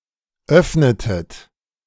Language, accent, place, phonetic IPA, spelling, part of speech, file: German, Germany, Berlin, [ˈœfnətət], öffnetet, verb, De-öffnetet.ogg
- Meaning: inflection of öffnen: 1. second-person plural preterite 2. second-person plural subjunctive II